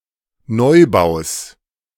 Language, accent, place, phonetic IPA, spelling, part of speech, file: German, Germany, Berlin, [ˈnɔɪ̯ˌbaʊ̯s], Neubaus, noun, De-Neubaus.ogg
- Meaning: genitive singular of Neubau